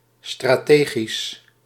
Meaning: strategic
- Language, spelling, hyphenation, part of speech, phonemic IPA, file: Dutch, strategisch, stra‧te‧gisch, adjective, /ˌstraːˈteː.ɣis/, Nl-strategisch.ogg